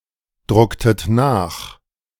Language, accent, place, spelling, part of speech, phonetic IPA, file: German, Germany, Berlin, drucktet nach, verb, [ˌdʁʊktət ˈnaːx], De-drucktet nach.ogg
- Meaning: inflection of nachdrucken: 1. second-person plural preterite 2. second-person plural subjunctive II